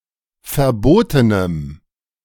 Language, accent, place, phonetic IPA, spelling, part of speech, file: German, Germany, Berlin, [fɛɐ̯ˈboːtənəm], verbotenem, adjective, De-verbotenem.ogg
- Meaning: strong dative masculine/neuter singular of verboten